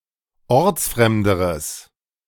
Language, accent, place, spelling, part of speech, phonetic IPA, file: German, Germany, Berlin, ortsfremderes, adjective, [ˈɔʁt͡sˌfʁɛmdəʁəs], De-ortsfremderes.ogg
- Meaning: strong/mixed nominative/accusative neuter singular comparative degree of ortsfremd